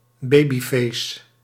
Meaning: baby face
- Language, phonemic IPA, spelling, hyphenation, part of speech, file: Dutch, /ˈbeː.biˌfeːs/, babyface, ba‧by‧face, noun, Nl-babyface.ogg